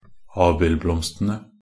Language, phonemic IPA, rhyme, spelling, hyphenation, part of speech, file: Norwegian Bokmål, /ˈɑːbɪlblɔmstənə/, -ənə, abildblomstene, ab‧ild‧bloms‧te‧ne, noun, Nb-abildblomstene.ogg
- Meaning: definite plural of abildblomst